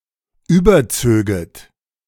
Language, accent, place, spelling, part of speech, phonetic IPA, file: German, Germany, Berlin, überzöget, verb, [ˈyːbɐˌt͡søːɡət], De-überzöget.ogg
- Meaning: second-person plural subjunctive II of überziehen